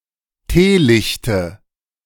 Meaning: nominative/accusative/genitive plural of Teelicht
- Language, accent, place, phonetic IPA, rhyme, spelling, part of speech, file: German, Germany, Berlin, [ˈteːˌlɪçtə], -eːlɪçtə, Teelichte, noun, De-Teelichte.ogg